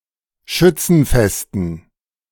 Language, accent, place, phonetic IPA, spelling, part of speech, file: German, Germany, Berlin, [ˈʃʏt͡sn̩ˌfɛstn̩], Schützenfesten, noun, De-Schützenfesten.ogg
- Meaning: dative plural of Schützenfest